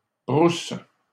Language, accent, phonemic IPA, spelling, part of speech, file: French, Canada, /bʁus/, brousses, noun, LL-Q150 (fra)-brousses.wav
- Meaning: plural of brousse